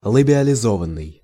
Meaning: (verb) 1. past passive imperfective participle of лабиализова́ть (labializovátʹ) 2. past passive perfective participle of лабиализова́ть (labializovátʹ); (adjective) labialized
- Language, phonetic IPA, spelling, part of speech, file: Russian, [ɫəbʲɪəlʲɪˈzovən(ː)ɨj], лабиализованный, verb / adjective, Ru-лабиализованный.ogg